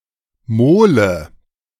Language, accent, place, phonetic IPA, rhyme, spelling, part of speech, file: German, Germany, Berlin, [ˈmoːlə], -oːlə, Mole, noun, De-Mole.ogg
- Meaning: jetty, mole